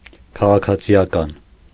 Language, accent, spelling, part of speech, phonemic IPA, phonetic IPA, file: Armenian, Eastern Armenian, քաղաքացիական, adjective, /kʰɑʁɑkʰɑt͡sʰiɑˈkɑn/, [kʰɑʁɑkʰɑt͡sʰi(j)ɑkɑ́n], Hy-քաղաքացիական.ogg
- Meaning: civil, civic, civilian